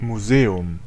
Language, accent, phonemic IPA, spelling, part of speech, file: German, Germany, /muˈzeːʊm/, Museum, noun, De-Museum.ogg
- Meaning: museum (building or institution dedicated to the protection and exhibition of items with scientific, historical, cultural or artistic value)